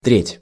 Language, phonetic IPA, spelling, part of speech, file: Russian, [trʲetʲ], треть, noun, Ru-треть.ogg
- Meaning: third (one of three equal parts of a whole)